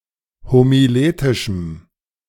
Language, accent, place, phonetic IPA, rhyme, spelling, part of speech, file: German, Germany, Berlin, [homiˈleːtɪʃm̩], -eːtɪʃm̩, homiletischem, adjective, De-homiletischem.ogg
- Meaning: strong dative masculine/neuter singular of homiletisch